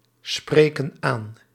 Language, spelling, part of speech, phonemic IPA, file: Dutch, spreken aan, verb, /ˈsprekə(n) ˈan/, Nl-spreken aan.ogg
- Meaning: inflection of aanspreken: 1. plural present indicative 2. plural present subjunctive